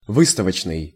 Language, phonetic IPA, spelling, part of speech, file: Russian, [ˈvɨstəvət͡ɕnɨj], выставочный, adjective, Ru-выставочный.ogg
- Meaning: exhibition, show